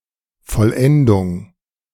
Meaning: completion; perfection
- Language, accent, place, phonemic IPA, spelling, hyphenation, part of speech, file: German, Germany, Berlin, /fɔlˈʔɛndʊŋ/, Vollendung, Voll‧en‧dung, noun, De-Vollendung.ogg